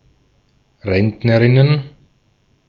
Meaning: plural of Rentnerin
- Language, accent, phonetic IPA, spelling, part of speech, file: German, Austria, [ˈʁɛntnəʁɪnən], Rentnerinnen, noun, De-at-Rentnerinnen.ogg